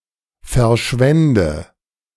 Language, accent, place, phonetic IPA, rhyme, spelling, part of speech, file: German, Germany, Berlin, [fɛɐ̯ˈʃvɛndə], -ɛndə, verschwände, verb, De-verschwände.ogg
- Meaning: first/third-person singular subjunctive II of verschwinden